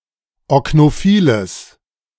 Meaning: strong/mixed nominative/accusative neuter singular of oknophil
- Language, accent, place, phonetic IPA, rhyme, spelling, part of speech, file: German, Germany, Berlin, [ɔknoˈfiːləs], -iːləs, oknophiles, adjective, De-oknophiles.ogg